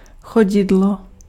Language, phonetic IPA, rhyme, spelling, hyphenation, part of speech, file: Czech, [ˈxoɟɪdlo], -ɪdlo, chodidlo, cho‧di‧d‧lo, noun, Cs-chodidlo.ogg
- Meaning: sole (bottom of foot)